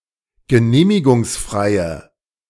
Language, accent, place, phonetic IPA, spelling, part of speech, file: German, Germany, Berlin, [ɡəˈneːmɪɡʊŋsˌfʁaɪ̯ə], genehmigungsfreie, adjective, De-genehmigungsfreie.ogg
- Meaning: inflection of genehmigungsfrei: 1. strong/mixed nominative/accusative feminine singular 2. strong nominative/accusative plural 3. weak nominative all-gender singular